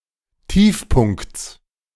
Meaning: genitive singular of Tiefpunkt
- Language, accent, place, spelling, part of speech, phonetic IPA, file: German, Germany, Berlin, Tiefpunkts, noun, [ˈtiːfˌpʊnkt͡s], De-Tiefpunkts.ogg